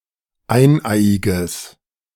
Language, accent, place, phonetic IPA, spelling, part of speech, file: German, Germany, Berlin, [ˈaɪ̯nˌʔaɪ̯ɪɡəs], eineiiges, adjective, De-eineiiges.ogg
- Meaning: strong/mixed nominative/accusative neuter singular of eineiig